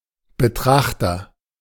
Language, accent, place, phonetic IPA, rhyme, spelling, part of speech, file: German, Germany, Berlin, [bəˈtʁaxtɐ], -axtɐ, Betrachter, noun, De-Betrachter.ogg
- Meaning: beholder, observer, viewer